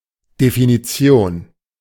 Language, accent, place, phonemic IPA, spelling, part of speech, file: German, Germany, Berlin, /definiˈtsjoːn/, Definition, noun, De-Definition.ogg
- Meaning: definition